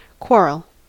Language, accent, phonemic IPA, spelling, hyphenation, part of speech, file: English, General American, /ˈkwɔɹəl/, quarrel, quar‧rel, noun / verb, En-us-quarrel.ogg
- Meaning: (noun) A dispute or heated argument (especially one that is verbal)